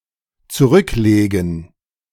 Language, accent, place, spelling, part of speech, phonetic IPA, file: German, Germany, Berlin, zurücklegen, verb, [t͡suˈʁʏkˌleːɡn̩], De-zurücklegen.ogg
- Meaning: 1. to put back (an object to its original place) 2. to put aside (to save or keep for later) 3. to recline 4. to cover, travel (a distance) 5. to resign (from an office or position)